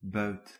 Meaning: 1. the spoil, booty taken by violence, as in war 2. the loot, fruits of crime 3. a hunter's prey 4. the gains, as in a game of chance
- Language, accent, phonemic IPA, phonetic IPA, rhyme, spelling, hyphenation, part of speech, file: Dutch, Belgium, /bœy̯t/, [bœːt], -œy̯t, buit, buit, noun, Nl-buit.ogg